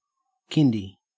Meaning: Diminutive of kindergarten
- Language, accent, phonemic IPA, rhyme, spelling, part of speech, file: English, Australia, /ˈkɪndi/, -ɪndi, kindy, noun, En-au-kindy.ogg